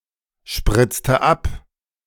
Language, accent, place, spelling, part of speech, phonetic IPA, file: German, Germany, Berlin, spritzte ab, verb, [ˌʃpʁɪt͡stə ˈap], De-spritzte ab.ogg
- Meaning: inflection of abspritzen: 1. first/third-person singular preterite 2. first/third-person singular subjunctive II